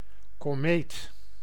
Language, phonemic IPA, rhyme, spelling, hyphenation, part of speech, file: Dutch, /koːˈmeːt/, -eːt, komeet, ko‧meet, noun, Nl-komeet.ogg
- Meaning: 1. comet 2. a rising star, an up-and-coming thing or person, a raging fashion etc